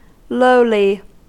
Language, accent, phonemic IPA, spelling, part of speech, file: English, US, /ˈloʊli/, lowly, adjective / adverb, En-us-lowly.ogg
- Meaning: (adjective) 1. Not high; not elevated in place; low 2. Low in rank or social importance 3. Not lofty or sublime; humble 4. Having a low esteem of one's own worth; humble; meek; free from pride